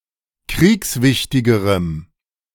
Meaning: strong dative masculine/neuter singular comparative degree of kriegswichtig
- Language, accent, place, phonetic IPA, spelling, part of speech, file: German, Germany, Berlin, [ˈkʁiːksˌvɪçtɪɡəʁəm], kriegswichtigerem, adjective, De-kriegswichtigerem.ogg